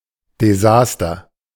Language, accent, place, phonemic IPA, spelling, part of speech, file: German, Germany, Berlin, /deˈza(ː)stər/, Desaster, noun, De-Desaster.ogg
- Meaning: disaster